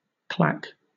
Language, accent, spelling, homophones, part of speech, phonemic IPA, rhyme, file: English, Southern England, claque, clack, noun, /ˈklæk/, -æk, LL-Q1860 (eng)-claque.wav
- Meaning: 1. A group of people hired to attend a performance and to either applaud or boo 2. A group of fawning admirers